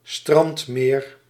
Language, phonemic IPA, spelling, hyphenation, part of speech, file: Dutch, /ˈstrɑnt.meːr/, strandmeer, strand‧meer, noun, Nl-strandmeer.ogg
- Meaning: lagoon